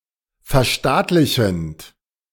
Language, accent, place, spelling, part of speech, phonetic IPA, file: German, Germany, Berlin, verstaatlichend, verb, [fɛɐ̯ˈʃtaːtlɪçn̩t], De-verstaatlichend.ogg
- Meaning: present participle of verstaatlichen